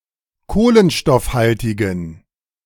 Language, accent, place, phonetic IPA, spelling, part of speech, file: German, Germany, Berlin, [ˈkoːlənʃtɔfˌhaltɪɡn̩], kohlenstoffhaltigen, adjective, De-kohlenstoffhaltigen.ogg
- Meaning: inflection of kohlenstoffhaltig: 1. strong genitive masculine/neuter singular 2. weak/mixed genitive/dative all-gender singular 3. strong/weak/mixed accusative masculine singular